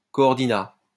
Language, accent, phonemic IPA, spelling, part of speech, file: French, France, /kɔ.ɔʁ.di.na/, coordinat, noun, LL-Q150 (fra)-coordinat.wav
- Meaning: ligand